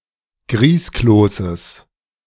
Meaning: genitive singular of Grießkloß
- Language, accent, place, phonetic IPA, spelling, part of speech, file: German, Germany, Berlin, [ˈɡʁiːskloːsəs], Grießkloßes, noun, De-Grießkloßes.ogg